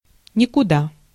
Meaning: to nowhere, nowhither
- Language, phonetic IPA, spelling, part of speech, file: Russian, [nʲɪkʊˈda], никуда, adverb, Ru-никуда.ogg